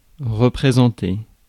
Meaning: 1. to represent (to be the representative of) 2. to represent (to show, as a replacement) 3. to represent; to re-present; to present again
- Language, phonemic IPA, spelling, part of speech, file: French, /ʁə.pʁe.zɑ̃.te/, représenter, verb, Fr-représenter.ogg